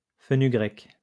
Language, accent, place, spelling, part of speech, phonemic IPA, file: French, France, Lyon, fenugrec, noun, /fə.ny.ɡʁɛk/, LL-Q150 (fra)-fenugrec.wav
- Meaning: 1. fenugreek (plant) 2. fenugreek (seed)